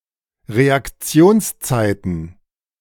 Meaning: plural of Reaktionszeit
- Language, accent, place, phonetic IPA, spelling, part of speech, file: German, Germany, Berlin, [ʁeakˈt͡si̯oːnsˌt͡saɪ̯tn̩], Reaktionszeiten, noun, De-Reaktionszeiten.ogg